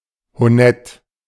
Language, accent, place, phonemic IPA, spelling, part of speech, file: German, Germany, Berlin, /hoˈnɛt/, honett, adjective, De-honett.ogg
- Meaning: honourable